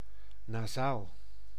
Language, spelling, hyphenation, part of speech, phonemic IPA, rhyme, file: Dutch, nasaal, na‧saal, adjective / noun, /naːˈzaːl/, -aːl, Nl-nasaal.ogg
- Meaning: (adjective) nasal, relating to the nose and/or a quality imparted by means of it; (noun) a nasal